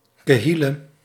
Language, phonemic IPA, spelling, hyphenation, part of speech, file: Dutch, /kəˈɦɪ.lə/, kehille, ke‧hil‧le, noun, Nl-kehille.ogg
- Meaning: alternative form of kille